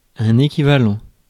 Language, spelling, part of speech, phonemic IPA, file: French, équivalent, adjective / noun, /e.ki.va.lɑ̃/, Fr-équivalent.ogg
- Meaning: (adjective) equivalent